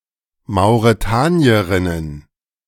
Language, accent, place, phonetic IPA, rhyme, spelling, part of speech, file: German, Germany, Berlin, [maʊ̯ʁeˈtaːni̯əʁɪnən], -aːni̯əʁɪnən, Mauretanierinnen, noun, De-Mauretanierinnen.ogg
- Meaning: plural of Mauretanierin